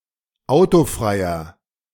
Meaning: inflection of autofrei: 1. strong/mixed nominative masculine singular 2. strong genitive/dative feminine singular 3. strong genitive plural
- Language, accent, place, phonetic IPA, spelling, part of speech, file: German, Germany, Berlin, [ˈaʊ̯toˌfʁaɪ̯ɐ], autofreier, adjective, De-autofreier.ogg